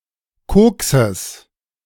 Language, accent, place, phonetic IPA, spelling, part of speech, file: German, Germany, Berlin, [ˈkoːksəs], Kokses, noun, De-Kokses.ogg
- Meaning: genitive singular of Koks